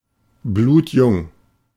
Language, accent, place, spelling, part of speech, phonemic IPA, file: German, Germany, Berlin, blutjung, adjective, /ˈbluːtˈjʊŋ/, De-blutjung.ogg
- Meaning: very young